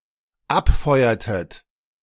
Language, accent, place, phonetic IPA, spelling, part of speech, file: German, Germany, Berlin, [ˈapˌfɔɪ̯ɐtət], abfeuertet, verb, De-abfeuertet.ogg
- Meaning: inflection of abfeuern: 1. second-person plural dependent preterite 2. second-person plural dependent subjunctive II